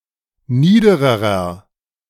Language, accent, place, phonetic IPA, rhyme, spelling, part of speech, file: German, Germany, Berlin, [ˈniːdəʁəʁɐ], -iːdəʁəʁɐ, niedererer, adjective, De-niedererer.ogg
- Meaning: inflection of nieder: 1. strong/mixed nominative masculine singular comparative degree 2. strong genitive/dative feminine singular comparative degree 3. strong genitive plural comparative degree